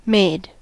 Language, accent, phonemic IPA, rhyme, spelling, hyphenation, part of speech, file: English, General American, /meɪd/, -eɪd, made, made, noun / verb, En-us-made.ogg
- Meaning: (noun) A grub or maggot; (verb) 1. simple past and past participle of make 2. simple past and past participle of myek 3. simple past and past participle of mak